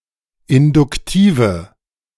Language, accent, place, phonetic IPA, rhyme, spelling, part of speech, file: German, Germany, Berlin, [ɪndʊkˈtiːvə], -iːvə, induktive, adjective, De-induktive.ogg
- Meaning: inflection of induktiv: 1. strong/mixed nominative/accusative feminine singular 2. strong nominative/accusative plural 3. weak nominative all-gender singular